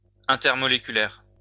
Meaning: intermolecular
- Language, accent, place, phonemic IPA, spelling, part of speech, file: French, France, Lyon, /ɛ̃.tɛʁ.mɔ.le.ky.lɛʁ/, intermoléculaire, adjective, LL-Q150 (fra)-intermoléculaire.wav